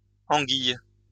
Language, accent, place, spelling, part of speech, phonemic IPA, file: French, France, Lyon, anguilles, noun, /ɑ̃.ɡij/, LL-Q150 (fra)-anguilles.wav
- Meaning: plural of anguille